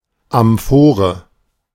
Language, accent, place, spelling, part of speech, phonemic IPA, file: German, Germany, Berlin, Amphore, noun, /amˈfoːʁə/, De-Amphore.ogg
- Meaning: amphora (a two handled jar with a narrow neck)